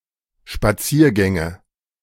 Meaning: nominative/accusative/genitive plural of Spaziergang
- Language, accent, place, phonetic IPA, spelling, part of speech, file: German, Germany, Berlin, [ʃpaˈt͡siːɐ̯ˌɡɛŋə], Spaziergänge, noun, De-Spaziergänge.ogg